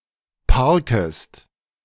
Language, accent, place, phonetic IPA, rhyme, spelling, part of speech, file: German, Germany, Berlin, [ˈpaʁkəst], -aʁkəst, parkest, verb, De-parkest.ogg
- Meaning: second-person singular subjunctive I of parken